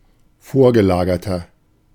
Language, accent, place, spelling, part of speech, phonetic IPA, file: German, Germany, Berlin, vorgelagerter, adjective, [ˈfoːɐ̯ɡəˌlaːɡɐtɐ], De-vorgelagerter.ogg
- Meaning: 1. comparative degree of vorgelagert 2. inflection of vorgelagert: strong/mixed nominative masculine singular 3. inflection of vorgelagert: strong genitive/dative feminine singular